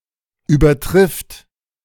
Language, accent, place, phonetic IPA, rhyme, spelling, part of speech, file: German, Germany, Berlin, [yːbɐˈtʁɪft], -ɪft, übertrifft, verb, De-übertrifft.ogg
- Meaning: third-person singular present of übertreffen